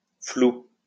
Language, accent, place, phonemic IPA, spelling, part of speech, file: French, France, Lyon, /flu/, flou, adjective / noun, LL-Q150 (fra)-flou.wav
- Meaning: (adjective) fuzzy; blurred, blurry; unclear; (noun) 1. A visual appearance lacking in sharpness or precise detail; blurriness 2. A blur or blurry area within a visual image